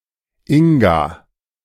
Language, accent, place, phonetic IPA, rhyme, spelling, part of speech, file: German, Germany, Berlin, [ˈɪŋɡa], -ɪŋɡa, Inga, proper noun, De-Inga.ogg
- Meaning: a female given name, variant of Inge